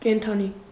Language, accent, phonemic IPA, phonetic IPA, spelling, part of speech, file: Armenian, Eastern Armenian, /kentʰɑˈni/, [kentʰɑní], կենդանի, adjective / noun, Hy-կենդանի.ogg
- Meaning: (adjective) 1. alive, living, not dead 2. lively, brisk 3. animal, of or pertaining to animals; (noun) animal